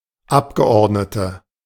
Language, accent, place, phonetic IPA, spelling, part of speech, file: German, Germany, Berlin, [ˈapɡəˌʔɔʁdnətə], Abgeordnete, noun, De-Abgeordnete.ogg
- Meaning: 1. female equivalent of Abgeordneter: female Member of Parliament 2. inflection of Abgeordneter: strong nominative/accusative plural 3. inflection of Abgeordneter: weak nominative singular